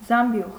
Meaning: basket
- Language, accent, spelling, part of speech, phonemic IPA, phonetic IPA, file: Armenian, Eastern Armenian, զամբյուղ, noun, /zɑmˈbjuʁ/, [zɑmbjúʁ], Hy-զամբյուղ.ogg